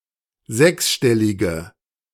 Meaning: inflection of sechsstellig: 1. strong/mixed nominative/accusative feminine singular 2. strong nominative/accusative plural 3. weak nominative all-gender singular
- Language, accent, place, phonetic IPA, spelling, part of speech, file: German, Germany, Berlin, [ˈzɛksˌʃtɛlɪɡə], sechsstellige, adjective, De-sechsstellige.ogg